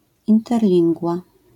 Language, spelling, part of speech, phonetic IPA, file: Polish, interlingua, noun, [ˌĩntɛrˈlʲĩŋɡva], LL-Q809 (pol)-interlingua.wav